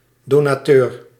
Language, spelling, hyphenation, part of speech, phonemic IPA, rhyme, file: Dutch, donateur, do‧na‧teur, noun, /ˌdoː.naːˈtøːr/, -øːr, Nl-donateur.ogg
- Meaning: a donor